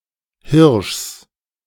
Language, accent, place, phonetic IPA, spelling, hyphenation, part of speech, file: German, Germany, Berlin, [ˈhɪʁʃs], Hirschs, Hirschs, noun / proper noun, De-Hirschs.ogg
- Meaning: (noun) genitive singular of Hirsch; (proper noun) plural of Hirsch